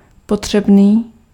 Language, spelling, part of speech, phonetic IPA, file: Czech, potřebný, adjective, [ˈpotr̝̊ɛbniː], Cs-potřebný.ogg
- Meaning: 1. necessary, needed 2. poor, in need